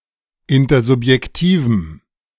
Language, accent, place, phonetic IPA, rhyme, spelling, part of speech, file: German, Germany, Berlin, [ˌɪntɐzʊpjɛkˈtiːvm̩], -iːvm̩, intersubjektivem, adjective, De-intersubjektivem.ogg
- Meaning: strong dative masculine/neuter singular of intersubjektiv